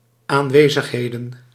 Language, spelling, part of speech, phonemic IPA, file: Dutch, aanwezigheden, noun, /aɱˈwezəxhedə(n)/, Nl-aanwezigheden.ogg
- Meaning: plural of aanwezigheid